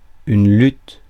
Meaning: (noun) 1. struggle, fight, battle 2. wrestling; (verb) inflection of lutter: 1. first/third-person singular present indicative/subjunctive 2. second-person singular imperative
- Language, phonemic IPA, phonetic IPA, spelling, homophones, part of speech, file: French, /lyt/, [lʏt], lutte, lûtes / luttent / luttes, noun / verb, Fr-lutte.ogg